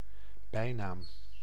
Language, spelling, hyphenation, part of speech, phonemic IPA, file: Dutch, bijnaam, bij‧naam, noun, /ˈbɛi̯.naːm/, Nl-bijnaam.ogg
- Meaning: nickname